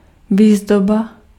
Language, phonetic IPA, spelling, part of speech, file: Czech, [ˈviːzdoba], výzdoba, noun, Cs-výzdoba.ogg
- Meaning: decoration